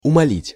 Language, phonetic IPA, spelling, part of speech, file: Russian, [ʊmɐˈlʲitʲ], умалить, verb, Ru-умалить.ogg
- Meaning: 1. to reduce, to lessen, to diminish 2. to reduce the role, to value or significance of 3. to belittle, to humiliate